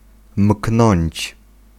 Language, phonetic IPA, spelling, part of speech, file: Polish, [m̥knɔ̃ɲt͡ɕ], mknąć, verb, Pl-mknąć.ogg